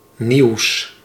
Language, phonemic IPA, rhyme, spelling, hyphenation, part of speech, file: Dutch, /niu̯s/, -iu̯s, nieuws, nieuws, noun / adjective, Nl-nieuws.ogg
- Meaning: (noun) news; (adjective) partitive of nieuw